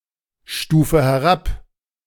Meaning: inflection of herabstufen: 1. first-person singular present 2. first/third-person singular subjunctive I 3. singular imperative
- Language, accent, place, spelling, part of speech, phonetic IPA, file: German, Germany, Berlin, stufe herab, verb, [ˌʃtuːfə hɛˈʁap], De-stufe herab.ogg